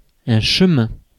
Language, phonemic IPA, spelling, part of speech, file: French, /ʃə.mɛ̃/, chemin, noun, Fr-chemin.ogg
- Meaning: 1. path, way, road 2. road